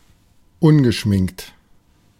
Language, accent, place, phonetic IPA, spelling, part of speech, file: German, Germany, Berlin, [ˈʊnɡəˌʃmɪŋkt], ungeschminkt, adjective, De-ungeschminkt.ogg
- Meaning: 1. without makeup, not made up 2. unvarnished, plain (truth, etc.)